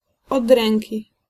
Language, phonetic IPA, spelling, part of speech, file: Polish, [ɔd‿ˈrɛ̃ŋʲci], od ręki, adverbial phrase, Pl-od ręki.ogg